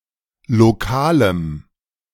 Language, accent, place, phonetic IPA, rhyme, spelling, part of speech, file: German, Germany, Berlin, [loˈkaːləm], -aːləm, lokalem, adjective, De-lokalem.ogg
- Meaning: strong dative masculine/neuter singular of lokal